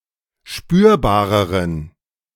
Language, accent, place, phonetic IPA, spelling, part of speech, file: German, Germany, Berlin, [ˈʃpyːɐ̯baːʁəʁən], spürbareren, adjective, De-spürbareren.ogg
- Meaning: inflection of spürbar: 1. strong genitive masculine/neuter singular comparative degree 2. weak/mixed genitive/dative all-gender singular comparative degree